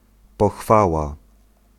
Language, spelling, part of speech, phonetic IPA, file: Polish, pochwała, noun, [pɔxˈfawa], Pl-pochwała.ogg